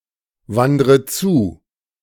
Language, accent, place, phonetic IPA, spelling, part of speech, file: German, Germany, Berlin, [ˌvandʁə ˈt͡suː], wandre zu, verb, De-wandre zu.ogg
- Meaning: inflection of zuwandern: 1. first-person singular present 2. first/third-person singular subjunctive I 3. singular imperative